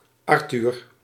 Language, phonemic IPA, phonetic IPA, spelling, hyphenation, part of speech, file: Dutch, /ˈɑrtyr/, [ˈɑrtyːr], Arthur, Ar‧thur, proper noun, Nl-Arthur.ogg
- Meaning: a male given name from English